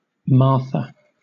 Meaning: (proper noun) 1. A female given name from Aramaic of biblical origin 2. The sister of Lazarus and Mary in the New Testament 3. A place in the United States: Synonym of Hacoda, Alabama
- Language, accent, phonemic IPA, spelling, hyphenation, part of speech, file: English, Southern England, /ˈmɑːθə/, Martha, Mar‧tha, proper noun / noun, LL-Q1860 (eng)-Martha.wav